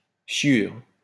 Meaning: frass (fly specks)
- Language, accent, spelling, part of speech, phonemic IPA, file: French, France, chiure, noun, /ʃjyʁ/, LL-Q150 (fra)-chiure.wav